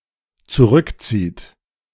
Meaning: inflection of zurückziehen: 1. third-person singular dependent present 2. second-person plural dependent present
- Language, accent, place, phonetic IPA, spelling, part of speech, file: German, Germany, Berlin, [t͡suˈʁʏkˌt͡siːt], zurückzieht, verb, De-zurückzieht.ogg